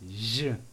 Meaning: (adjective) old; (noun) 1. air 2. wind
- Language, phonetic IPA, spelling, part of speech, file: Kabardian, [ʑə], жьы, adjective / noun, Circassian Жь.ogg